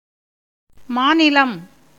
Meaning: state, province
- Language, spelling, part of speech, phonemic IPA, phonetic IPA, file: Tamil, மாநிலம், noun, /mɑːnɪlɐm/, [mäːnɪlɐm], Ta-மாநிலம்.ogg